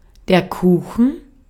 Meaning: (noun) pie; cake; tart (foodstuff made of baked dough, other than bread); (proper noun) a town in Baden-Württemberg, Germany
- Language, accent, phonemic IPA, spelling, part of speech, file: German, Austria, /ˈkuːxən/, Kuchen, noun / proper noun, De-at-Kuchen.ogg